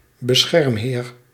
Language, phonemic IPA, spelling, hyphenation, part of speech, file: Dutch, /bəˈsxɛrmˌɦeːr/, beschermheer, be‧scherm‧heer, noun, Nl-beschermheer.ogg
- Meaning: male patron, protector (high-status man offering protection and support of various kinds (e.g. legal aid) to those of lower status; by extension a dignitary affiliated to an organisation)